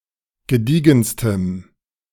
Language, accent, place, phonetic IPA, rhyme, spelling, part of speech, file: German, Germany, Berlin, [ɡəˈdiːɡn̩stəm], -iːɡn̩stəm, gediegenstem, adjective, De-gediegenstem.ogg
- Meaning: strong dative masculine/neuter singular superlative degree of gediegen